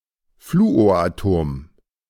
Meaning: fluorine atom
- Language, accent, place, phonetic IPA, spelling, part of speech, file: German, Germany, Berlin, [ˈfluːoːɐ̯ʔaˌtoːm], Fluoratom, noun, De-Fluoratom.ogg